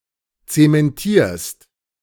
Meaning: second-person singular present of zementieren
- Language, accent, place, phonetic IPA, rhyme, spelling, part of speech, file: German, Germany, Berlin, [ˌt͡semɛnˈtiːɐ̯st], -iːɐ̯st, zementierst, verb, De-zementierst.ogg